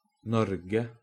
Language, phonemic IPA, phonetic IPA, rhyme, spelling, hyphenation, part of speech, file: Norwegian Bokmål, /ˈnɔr.ɡə/, [ˈnɔɾ.ɡə], -ɔrɡə, Norge, Nor‧ge, proper noun, No-Norge.oga
- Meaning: 1. Norway; a country in Scandinavia, Europe, with Oslo as its capital and largest city 2. the inhabitants of Norway collectively; the Norwegian people